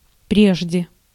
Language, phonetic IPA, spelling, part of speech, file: Russian, [ˈprʲeʐdʲe], прежде, adverb / preposition, Ru-прежде.ogg
- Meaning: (adverb) previously, before, formerly; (preposition) before, previously to